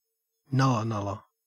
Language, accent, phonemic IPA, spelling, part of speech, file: English, Australia, /ˈnʌ.lə.nʌ.lə/, nulla-nulla, noun, En-au-nulla-nulla.ogg
- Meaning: A club used by Aboriginal Australians for hunting and fighting; a waddy